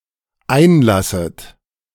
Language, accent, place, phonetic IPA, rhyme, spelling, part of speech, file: German, Germany, Berlin, [ˈaɪ̯nˌlasət], -aɪ̯nlasət, einlasset, verb, De-einlasset.ogg
- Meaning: second-person plural dependent subjunctive I of einlassen